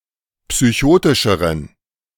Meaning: inflection of psychotisch: 1. strong genitive masculine/neuter singular comparative degree 2. weak/mixed genitive/dative all-gender singular comparative degree
- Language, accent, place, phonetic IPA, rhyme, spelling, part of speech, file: German, Germany, Berlin, [psyˈçoːtɪʃəʁən], -oːtɪʃəʁən, psychotischeren, adjective, De-psychotischeren.ogg